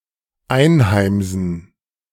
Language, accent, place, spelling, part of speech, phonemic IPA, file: German, Germany, Berlin, einheimsen, verb, /ˈaɪ̯nhaɪ̯mzən/, De-einheimsen.ogg
- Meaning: to earn